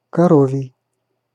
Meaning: cow; bovine
- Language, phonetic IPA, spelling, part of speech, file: Russian, [kɐˈrovʲɪj], коровий, adjective, Ru-коровий.ogg